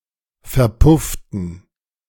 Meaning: inflection of verpuffen: 1. first/third-person plural preterite 2. first/third-person plural subjunctive II
- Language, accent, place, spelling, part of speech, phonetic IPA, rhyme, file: German, Germany, Berlin, verpufften, adjective / verb, [fɛɐ̯ˈpʊftn̩], -ʊftn̩, De-verpufften.ogg